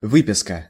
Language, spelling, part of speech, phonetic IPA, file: Russian, выписка, noun, [ˈvɨpʲɪskə], Ru-выписка.ogg
- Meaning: 1. writing out, copying 2. extract, excerpt 3. statement 4. order, subscription 5. discharge 6. notice